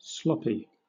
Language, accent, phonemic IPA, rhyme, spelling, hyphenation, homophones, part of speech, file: English, Southern England, /ˈslɒ.pi/, -ɒpi, sloppy, slop‧py, Sloppy, adjective, LL-Q1860 (eng)-sloppy.wav
- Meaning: 1. Composed of or covered in slop; very wet 2. Careless, messy; not neat, elegant, or careful 3. Imprecise or loose 4. Characteristic of or resembling AI slop